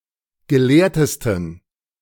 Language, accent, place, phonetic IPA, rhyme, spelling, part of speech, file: German, Germany, Berlin, [ɡəˈleːɐ̯təstn̩], -eːɐ̯təstn̩, gelehrtesten, adjective, De-gelehrtesten.ogg
- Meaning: 1. superlative degree of gelehrt 2. inflection of gelehrt: strong genitive masculine/neuter singular superlative degree